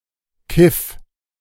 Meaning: first-person singular preterite of keifen
- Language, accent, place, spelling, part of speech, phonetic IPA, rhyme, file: German, Germany, Berlin, kiff, verb, [kɪf], -ɪf, De-kiff.ogg